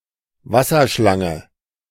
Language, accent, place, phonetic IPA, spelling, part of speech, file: German, Germany, Berlin, [ˈvasɐˌʃlaŋə], Wasserschlange, noun / proper noun, De-Wasserschlange.ogg
- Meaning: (noun) water snake; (proper noun) Hydra (constellation)